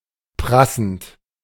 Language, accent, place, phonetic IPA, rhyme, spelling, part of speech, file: German, Germany, Berlin, [ˈpʁasn̩t], -asn̩t, prassend, verb, De-prassend.ogg
- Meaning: present participle of prassen